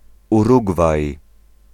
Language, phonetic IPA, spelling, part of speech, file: Polish, [uˈruɡvaj], Urugwaj, proper noun, Pl-Urugwaj.ogg